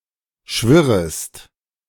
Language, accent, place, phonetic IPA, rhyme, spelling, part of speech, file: German, Germany, Berlin, [ˈʃvɪʁəst], -ɪʁəst, schwirrest, verb, De-schwirrest.ogg
- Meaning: second-person singular subjunctive I of schwirren